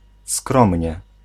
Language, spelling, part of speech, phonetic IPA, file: Polish, skromnie, adverb, [ˈskrɔ̃mʲɲɛ], Pl-skromnie.ogg